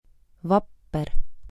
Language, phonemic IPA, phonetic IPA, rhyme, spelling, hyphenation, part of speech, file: Estonian, /ˈvɑpːer/, [ˈvɑpːer], -ɑpːer, vapper, vap‧per, adjective, Et-vapper.ogg
- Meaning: 1. brave, intrepid, courageous, valiant 2. brave, intrepid, courageous, valiant: Not being afraid of, nor feeling fear towards something